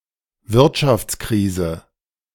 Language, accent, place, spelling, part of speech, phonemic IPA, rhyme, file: German, Germany, Berlin, Wirtschaftskrise, noun, /ˈvɪʁtʃaft͡sˌkʁiːzə/, -iːzə, De-Wirtschaftskrise.ogg
- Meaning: economic crisis; slump, depression